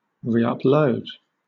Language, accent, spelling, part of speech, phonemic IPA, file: English, Southern England, reupload, verb, /ɹiːʌpˈləʊd/, LL-Q1860 (eng)-reupload.wav
- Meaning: To upload again